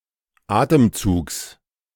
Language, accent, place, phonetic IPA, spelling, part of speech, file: German, Germany, Berlin, [ˈaːtəmˌt͡suːks], Atemzugs, noun, De-Atemzugs.ogg
- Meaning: genitive singular of Atemzug